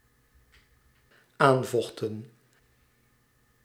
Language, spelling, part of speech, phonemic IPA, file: Dutch, aanvochten, verb, /ˈaɱvloxtə(n)/, Nl-aanvochten.ogg
- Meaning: inflection of aanvechten: 1. plural dependent-clause past indicative 2. plural dependent-clause past subjunctive